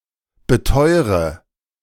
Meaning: inflection of beteuern: 1. first-person singular present 2. first/third-person singular subjunctive I 3. singular imperative
- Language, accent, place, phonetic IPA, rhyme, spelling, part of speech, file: German, Germany, Berlin, [bəˈtɔɪ̯ʁə], -ɔɪ̯ʁə, beteure, verb, De-beteure.ogg